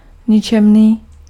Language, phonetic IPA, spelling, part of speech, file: Czech, [ˈɲɪt͡ʃɛmniː], ničemný, adjective, Cs-ničemný.ogg
- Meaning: mean, vile, despicable